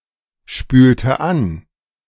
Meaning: inflection of anspülen: 1. first/third-person singular preterite 2. first/third-person singular subjunctive II
- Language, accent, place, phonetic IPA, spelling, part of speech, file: German, Germany, Berlin, [ˌʃpyːltə ˈan], spülte an, verb, De-spülte an.ogg